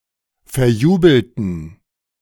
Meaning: inflection of verjubeln: 1. first/third-person plural preterite 2. first/third-person plural subjunctive II
- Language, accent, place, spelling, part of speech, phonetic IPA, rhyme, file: German, Germany, Berlin, verjubelten, adjective, [fɛɐ̯ˈjuːbl̩tn̩], -uːbl̩tn̩, De-verjubelten.ogg